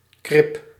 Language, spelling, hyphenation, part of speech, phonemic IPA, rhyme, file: Dutch, krib, krib, noun, /ˈkrɪp/, -ɪp, Nl-krib.ogg
- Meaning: 1. a dam or breakwater constructed perpendicular to the bank, strand and/or water current, to prevent erosion 2. alternative form of kribbe 3. A quarrelsome person